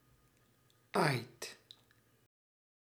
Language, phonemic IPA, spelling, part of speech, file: Dutch, /ajt/, aait, verb, Nl-aait.ogg
- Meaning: inflection of aaien: 1. second/third-person singular present indicative 2. plural imperative